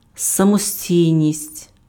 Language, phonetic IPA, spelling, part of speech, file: Ukrainian, [sɐmoˈsʲtʲii̯nʲisʲtʲ], самостійність, noun, Uk-самостійність.ogg
- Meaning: 1. independence (condition of not being politically subordinate) 2. independence, self-reliance (capacity to operate separately without external support or direction)